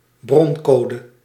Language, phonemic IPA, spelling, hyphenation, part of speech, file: Dutch, /ˈbrɔnˌkoː.də/, broncode, bron‧co‧de, noun, Nl-broncode.ogg
- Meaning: source code